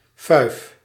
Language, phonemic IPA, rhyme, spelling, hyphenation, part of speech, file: Dutch, /fœy̯f/, -œy̯f, fuif, fuif, noun, Nl-fuif.ogg
- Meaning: party, festive gathering as celebration (often named in compounds, e.g. kerstfuif for Christmas) or just for fun